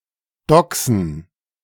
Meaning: to doxx
- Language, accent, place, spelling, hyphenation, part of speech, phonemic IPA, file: German, Germany, Berlin, doxen, do‧xen, verb, /ˈdɔksn̩/, De-doxen.ogg